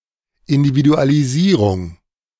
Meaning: individualization
- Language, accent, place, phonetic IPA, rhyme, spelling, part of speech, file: German, Germany, Berlin, [ˌɪndividualiˈziːʁʊŋ], -iːʁʊŋ, Individualisierung, noun, De-Individualisierung.ogg